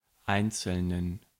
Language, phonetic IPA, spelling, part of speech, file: German, [ˈaɪ̯nt͡sl̩nən], einzelnen, adjective, De-einzelnen.ogg
- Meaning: inflection of einzeln: 1. strong genitive masculine/neuter singular 2. weak/mixed genitive/dative all-gender singular 3. strong/weak/mixed accusative masculine singular 4. strong dative plural